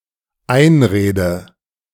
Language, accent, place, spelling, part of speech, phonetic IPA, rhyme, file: German, Germany, Berlin, einrede, verb, [ˈaɪ̯nˌʁeːdə], -aɪ̯nʁeːdə, De-einrede.ogg
- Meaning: inflection of einreden: 1. first-person singular dependent present 2. first/third-person singular dependent subjunctive I